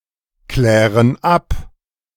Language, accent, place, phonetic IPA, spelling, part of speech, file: German, Germany, Berlin, [ˌklɛːʁən ˈap], klären ab, verb, De-klären ab.ogg
- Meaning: inflection of abklären: 1. first/third-person plural present 2. first/third-person plural subjunctive I